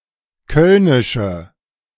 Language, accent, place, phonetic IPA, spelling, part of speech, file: German, Germany, Berlin, [ˈkœlnɪʃə], kölnische, adjective, De-kölnische.ogg
- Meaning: inflection of kölnisch: 1. strong/mixed nominative/accusative feminine singular 2. strong nominative/accusative plural 3. weak nominative all-gender singular